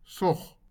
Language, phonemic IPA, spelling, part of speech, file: Afrikaans, /sɔχ/, sog, noun, LL-Q14196 (afr)-sog.wav
- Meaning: sow